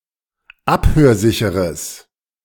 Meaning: strong/mixed nominative/accusative neuter singular of abhörsicher
- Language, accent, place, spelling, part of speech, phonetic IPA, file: German, Germany, Berlin, abhörsicheres, adjective, [ˈaphøːɐ̯ˌzɪçəʁəs], De-abhörsicheres.ogg